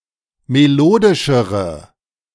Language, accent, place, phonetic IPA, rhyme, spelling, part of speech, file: German, Germany, Berlin, [meˈloːdɪʃəʁə], -oːdɪʃəʁə, melodischere, adjective, De-melodischere.ogg
- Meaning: inflection of melodisch: 1. strong/mixed nominative/accusative feminine singular comparative degree 2. strong nominative/accusative plural comparative degree